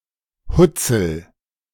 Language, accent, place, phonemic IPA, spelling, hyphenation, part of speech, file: German, Germany, Berlin, /ˈhʊt͡sl̩/, Hutzel, Hut‧zel, noun, De-Hutzel.ogg
- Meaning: dried fruit (esp. prunes, plums)